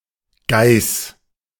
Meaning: 1. goat (species) 2. she-goat 3. female roe deer
- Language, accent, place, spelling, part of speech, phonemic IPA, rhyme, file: German, Germany, Berlin, Geiß, noun, /ɡaɪ̯s/, -aɪ̯s, De-Geiß.ogg